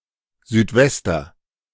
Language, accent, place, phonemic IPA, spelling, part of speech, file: German, Germany, Berlin, /zyːtˈvɛstɐ/, Südwester, noun, De-Südwester.ogg
- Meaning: sou'wester (waterproof hat)